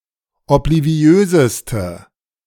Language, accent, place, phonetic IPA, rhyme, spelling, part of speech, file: German, Germany, Berlin, [ɔpliˈvi̯øːzəstə], -øːzəstə, obliviöseste, adjective, De-obliviöseste.ogg
- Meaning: inflection of obliviös: 1. strong/mixed nominative/accusative feminine singular superlative degree 2. strong nominative/accusative plural superlative degree